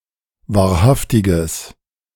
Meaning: strong/mixed nominative/accusative neuter singular of wahrhaftig
- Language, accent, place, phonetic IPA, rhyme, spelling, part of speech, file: German, Germany, Berlin, [vaːɐ̯ˈhaftɪɡəs], -aftɪɡəs, wahrhaftiges, adjective, De-wahrhaftiges.ogg